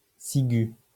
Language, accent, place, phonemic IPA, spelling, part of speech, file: French, France, Lyon, /si.ɡy/, cigüe, noun, LL-Q150 (fra)-cigüe.wav
- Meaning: post-1990 spelling of ciguë